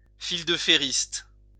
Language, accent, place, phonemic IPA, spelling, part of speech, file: French, France, Lyon, /fil.də.fe.ʁist/, fildefériste, noun, LL-Q150 (fra)-fildefériste.wav
- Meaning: alternative form of fil-de-fériste